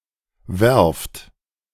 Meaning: inflection of werfen: 1. second-person plural present 2. plural imperative
- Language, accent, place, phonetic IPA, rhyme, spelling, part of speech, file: German, Germany, Berlin, [vɛʁft], -ɛʁft, werft, verb, De-werft.ogg